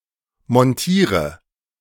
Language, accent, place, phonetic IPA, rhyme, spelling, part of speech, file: German, Germany, Berlin, [mɔnˈtiːʁə], -iːʁə, montiere, verb, De-montiere.ogg
- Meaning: inflection of montieren: 1. first-person singular present 2. singular imperative 3. first/third-person singular subjunctive I